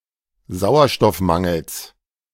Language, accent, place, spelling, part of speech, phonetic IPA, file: German, Germany, Berlin, Sauerstoffmangels, noun, [ˈzaʊ̯ɐʃtɔfˌmaŋl̩s], De-Sauerstoffmangels.ogg
- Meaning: genitive singular of Sauerstoffmangel